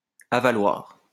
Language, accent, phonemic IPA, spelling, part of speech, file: French, France, /a.va.lwaʁ/, avaloir, noun, LL-Q150 (fra)-avaloir.wav
- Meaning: drain, sewer